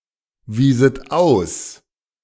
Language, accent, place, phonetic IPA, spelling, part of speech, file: German, Germany, Berlin, [ˌviːzət ˈaʊ̯s], wieset aus, verb, De-wieset aus.ogg
- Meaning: second-person plural subjunctive II of ausweisen